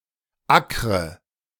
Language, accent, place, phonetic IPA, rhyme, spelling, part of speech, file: German, Germany, Berlin, [ˈakʁə], -akʁə, ackre, verb, De-ackre.ogg
- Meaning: inflection of ackern: 1. first-person singular present 2. first/third-person singular subjunctive I 3. singular imperative